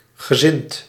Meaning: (adjective) inclined, of a certain disposition; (verb) past participle of zinnen
- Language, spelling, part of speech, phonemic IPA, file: Dutch, gezind, adjective / verb, /ɣəˈzɪnt/, Nl-gezind.ogg